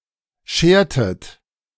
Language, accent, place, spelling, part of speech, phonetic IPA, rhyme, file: German, Germany, Berlin, schertet, verb, [ˈʃeːɐ̯tət], -eːɐ̯tət, De-schertet.ogg
- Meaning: inflection of scheren: 1. second-person plural preterite 2. second-person plural subjunctive II